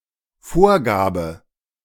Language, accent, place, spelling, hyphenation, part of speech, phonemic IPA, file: German, Germany, Berlin, Vorgabe, Vor‧ga‧be, noun, /ˈfoːɐ̯ˌɡaːbə/, De-Vorgabe.ogg
- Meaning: 1. specification, guideline, provision 2. setting, default